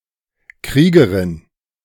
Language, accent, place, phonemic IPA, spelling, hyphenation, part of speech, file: German, Germany, Berlin, /ˈkʁiːɡəʁɪn/, Kriegerin, Krie‧ge‧rin, noun, De-Kriegerin.ogg
- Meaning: female equivalent of Krieger